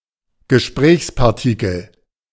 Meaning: interjection, a particle without an actual meaning, which is used in a conversation
- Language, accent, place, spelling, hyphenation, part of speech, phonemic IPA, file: German, Germany, Berlin, Gesprächspartikel, Ge‧sprächs‧par‧ti‧kel, noun, /ɡəʃprɛːçspartikəl/, De-Gesprächspartikel.ogg